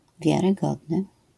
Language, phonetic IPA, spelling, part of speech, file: Polish, [ˌvʲjarɨˈɡɔdnɨ], wiarygodny, adjective, LL-Q809 (pol)-wiarygodny.wav